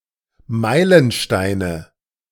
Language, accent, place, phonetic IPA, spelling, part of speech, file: German, Germany, Berlin, [ˈmaɪ̯lənˌʃtaɪ̯nə], Meilensteine, noun, De-Meilensteine.ogg
- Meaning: nominative/accusative/genitive plural of Meilenstein